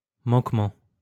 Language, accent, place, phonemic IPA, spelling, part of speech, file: French, France, Lyon, /mɑ̃k.mɑ̃/, manquement, noun, LL-Q150 (fra)-manquement.wav
- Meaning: 1. lack 2. dereliction